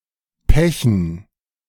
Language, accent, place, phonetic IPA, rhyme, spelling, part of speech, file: German, Germany, Berlin, [ˈpɛçn̩], -ɛçn̩, Pechen, noun, De-Pechen.ogg
- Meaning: dative plural of Pech